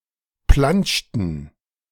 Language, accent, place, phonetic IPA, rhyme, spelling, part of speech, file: German, Germany, Berlin, [ˈplant͡ʃtn̩], -ant͡ʃtn̩, plantschten, verb, De-plantschten.ogg
- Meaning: inflection of plantschen: 1. first/third-person plural preterite 2. first/third-person plural subjunctive II